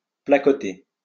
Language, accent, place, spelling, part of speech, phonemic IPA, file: French, France, Lyon, placoter, verb, /pla.kɔ.te/, LL-Q150 (fra)-placoter.wav
- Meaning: to chat, chatter